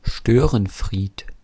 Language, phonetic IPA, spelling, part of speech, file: German, [ˈʃtøːʁənˌfʁiːt], Störenfried, noun, De-Störenfried.ogg
- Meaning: gadfly, troublemaker, disruptor, mischief-maker (male or of unspecified gender)